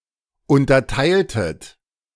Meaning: inflection of unterteilen: 1. second-person plural preterite 2. second-person plural subjunctive II
- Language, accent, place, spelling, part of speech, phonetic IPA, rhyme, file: German, Germany, Berlin, unterteiltet, verb, [ˌʊntɐˈtaɪ̯ltət], -aɪ̯ltət, De-unterteiltet.ogg